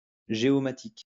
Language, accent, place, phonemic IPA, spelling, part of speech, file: French, France, Lyon, /ʒe.ɔ.ma.tik/, géomatique, adjective / noun, LL-Q150 (fra)-géomatique.wav
- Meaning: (adjective) geomatic; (noun) geomatics